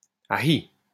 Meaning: ouch! (representing pain)
- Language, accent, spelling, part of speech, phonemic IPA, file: French, France, ahi, interjection, /a.i/, LL-Q150 (fra)-ahi.wav